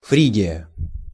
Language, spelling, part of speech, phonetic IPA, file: Russian, Фригия, proper noun, [ˈfrʲiɡʲɪjə], Ru-Фригия.ogg
- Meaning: Phrygia (a geographic region and ancient kingdom in the west central part of Asia Minor, in what is now modern-day Turkey)